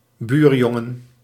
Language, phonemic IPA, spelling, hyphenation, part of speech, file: Dutch, /ˈbyːrˌjɔ.ŋə(n)/, buurjongen, buur‧jon‧gen, noun, Nl-buurjongen.ogg
- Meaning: a boy who lives in the neighbourhood